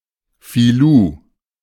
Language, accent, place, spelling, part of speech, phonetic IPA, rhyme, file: German, Germany, Berlin, Filou, noun, [fiˈluː], -uː, De-Filou.ogg
- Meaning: 1. smart aleck, wise guy 2. crook, rascal